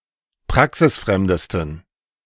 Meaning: 1. superlative degree of praxisfremd 2. inflection of praxisfremd: strong genitive masculine/neuter singular superlative degree
- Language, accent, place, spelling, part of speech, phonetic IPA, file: German, Germany, Berlin, praxisfremdesten, adjective, [ˈpʁaksɪsˌfʁɛmdəstn̩], De-praxisfremdesten.ogg